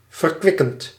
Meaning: present participle of verkwikken
- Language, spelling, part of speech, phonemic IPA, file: Dutch, verkwikkend, verb / adjective, /vərˈkwɪkənt/, Nl-verkwikkend.ogg